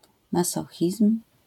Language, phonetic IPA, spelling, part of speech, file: Polish, [maˈsɔxʲism̥], masochizm, noun, LL-Q809 (pol)-masochizm.wav